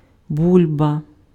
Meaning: 1. tuber 2. bubble 3. potato 4. bulba
- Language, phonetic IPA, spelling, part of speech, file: Ukrainian, [ˈbulʲbɐ], бульба, noun, Uk-бульба.ogg